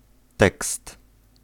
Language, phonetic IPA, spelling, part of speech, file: Polish, [tɛkst], tekst, noun, Pl-tekst.ogg